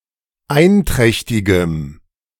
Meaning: strong dative masculine/neuter singular of einträchtig
- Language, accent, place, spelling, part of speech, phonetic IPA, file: German, Germany, Berlin, einträchtigem, adjective, [ˈaɪ̯nˌtʁɛçtɪɡəm], De-einträchtigem.ogg